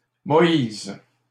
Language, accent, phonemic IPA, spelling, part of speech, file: French, Canada, /mɔ.iz/, Moïse, proper noun, LL-Q150 (fra)-Moïse.wav
- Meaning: 1. Moses (biblical character) 2. a male given name from Hebrew, of Biblical origin, equivalent to English Moses